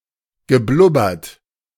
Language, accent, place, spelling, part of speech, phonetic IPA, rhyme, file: German, Germany, Berlin, geblubbert, verb, [ɡəˈblʊbɐt], -ʊbɐt, De-geblubbert.ogg
- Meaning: past participle of blubbern